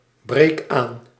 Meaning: inflection of aanbreken: 1. first-person singular present indicative 2. second-person singular present indicative 3. imperative
- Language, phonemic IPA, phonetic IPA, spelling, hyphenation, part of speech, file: Dutch, /ˌbreːk ˈaːn/, [ˌbreɪ̯k ˈaːn], breek aan, breek aan, verb, Nl-breek aan.ogg